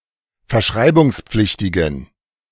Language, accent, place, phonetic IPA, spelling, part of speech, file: German, Germany, Berlin, [fɛɐ̯ˈʃʁaɪ̯bʊŋsˌp͡flɪçtɪɡn̩], verschreibungspflichtigen, adjective, De-verschreibungspflichtigen.ogg
- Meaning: inflection of verschreibungspflichtig: 1. strong genitive masculine/neuter singular 2. weak/mixed genitive/dative all-gender singular 3. strong/weak/mixed accusative masculine singular